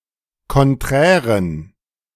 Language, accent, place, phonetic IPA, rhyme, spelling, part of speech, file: German, Germany, Berlin, [kɔnˈtʁɛːʁən], -ɛːʁən, konträren, adjective, De-konträren.ogg
- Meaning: inflection of konträr: 1. strong genitive masculine/neuter singular 2. weak/mixed genitive/dative all-gender singular 3. strong/weak/mixed accusative masculine singular 4. strong dative plural